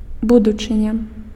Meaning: 1. future 2. destiny, fate 3. descendants (future generation)
- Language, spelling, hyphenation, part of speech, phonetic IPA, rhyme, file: Belarusian, будучыня, бу‧ду‧чы‧ня, noun, [ˈbudut͡ʂɨnʲa], -udut͡ʂɨnʲa, Be-будучыня.ogg